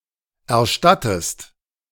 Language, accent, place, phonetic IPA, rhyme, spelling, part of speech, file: German, Germany, Berlin, [ɛɐ̯ˈʃtatəst], -atəst, erstattest, verb, De-erstattest.ogg
- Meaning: inflection of erstatten: 1. second-person singular present 2. second-person singular subjunctive I